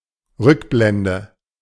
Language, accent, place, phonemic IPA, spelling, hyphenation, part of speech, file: German, Germany, Berlin, /ˈʁʏkˌblɛndə/, Rückblende, Rück‧blen‧de, noun, De-Rückblende.ogg
- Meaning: flashback